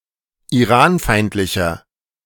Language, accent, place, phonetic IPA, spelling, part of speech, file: German, Germany, Berlin, [iˈʁaːnˌfaɪ̯ntlɪçɐ], iranfeindlicher, adjective, De-iranfeindlicher.ogg
- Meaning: inflection of iranfeindlich: 1. strong/mixed nominative masculine singular 2. strong genitive/dative feminine singular 3. strong genitive plural